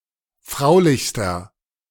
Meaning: inflection of fraulich: 1. strong/mixed nominative masculine singular superlative degree 2. strong genitive/dative feminine singular superlative degree 3. strong genitive plural superlative degree
- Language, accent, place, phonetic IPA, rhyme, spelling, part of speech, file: German, Germany, Berlin, [ˈfʁaʊ̯lɪçstɐ], -aʊ̯lɪçstɐ, fraulichster, adjective, De-fraulichster.ogg